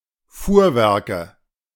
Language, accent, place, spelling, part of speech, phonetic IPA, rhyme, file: German, Germany, Berlin, Fuhrwerke, noun, [ˈfuːɐ̯ˌvɛʁkə], -uːɐ̯vɛʁkə, De-Fuhrwerke.ogg
- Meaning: nominative/accusative/genitive plural of Fuhrwerk